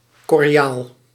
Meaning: curiara, dugout, hollowed-out canoe, pirogue
- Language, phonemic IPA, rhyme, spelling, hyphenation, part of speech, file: Dutch, /kɔrˈjaːl/, -aːl, korjaal, kor‧jaal, noun, Nl-korjaal.ogg